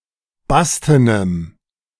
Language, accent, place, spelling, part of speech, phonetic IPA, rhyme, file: German, Germany, Berlin, bastenem, adjective, [ˈbastənəm], -astənəm, De-bastenem.ogg
- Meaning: strong dative masculine/neuter singular of basten